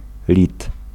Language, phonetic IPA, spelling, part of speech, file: Polish, [lʲit], lit, noun, Pl-lit.ogg